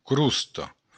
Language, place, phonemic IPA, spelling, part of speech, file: Occitan, Béarn, /ˈkɾustɔ/, crosta, noun, LL-Q14185 (oci)-crosta.wav
- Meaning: crust